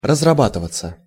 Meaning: 1. to begin to work with a zest, to get involved with one's work 2. to begin to work/run smoothly 3. passive of разраба́тывать (razrabátyvatʹ)
- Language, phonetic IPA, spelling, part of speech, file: Russian, [rəzrɐˈbatɨvət͡sə], разрабатываться, verb, Ru-разрабатываться.ogg